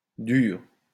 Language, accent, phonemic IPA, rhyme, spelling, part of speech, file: French, France, /dyʁ/, -yʁ, durs, adjective, LL-Q150 (fra)-durs.wav
- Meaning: masculine plural of dur